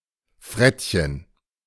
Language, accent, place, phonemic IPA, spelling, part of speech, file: German, Germany, Berlin, /ˈfʁɛtçən/, Frettchen, noun, De-Frettchen.ogg
- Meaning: ferret (the mammal Mustela putorius furo)